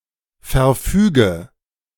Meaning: inflection of verfügen: 1. first-person singular present 2. first/third-person singular subjunctive I 3. singular imperative
- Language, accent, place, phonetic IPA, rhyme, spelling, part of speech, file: German, Germany, Berlin, [fɛɐ̯ˈfyːɡə], -yːɡə, verfüge, verb, De-verfüge.ogg